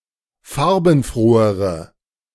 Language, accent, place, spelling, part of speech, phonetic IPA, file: German, Germany, Berlin, farbenfrohere, adjective, [ˈfaʁbn̩ˌfʁoːəʁə], De-farbenfrohere.ogg
- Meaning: inflection of farbenfroh: 1. strong/mixed nominative/accusative feminine singular comparative degree 2. strong nominative/accusative plural comparative degree